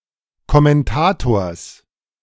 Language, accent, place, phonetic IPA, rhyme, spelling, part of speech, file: German, Germany, Berlin, [kɔmɛnˈtaːtoːɐ̯s], -aːtoːɐ̯s, Kommentators, noun, De-Kommentators.ogg
- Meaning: genitive singular of Kommentator